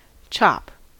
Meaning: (noun) 1. A cut of meat, often containing a section of a rib 2. A blow with an axe, cleaver, or similar implement 3. A blow delivered with the hand rigid and outstretched
- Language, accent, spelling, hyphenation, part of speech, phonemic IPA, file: English, US, chop, chop, noun / verb, /t͡ʃɑp/, En-us-chop.ogg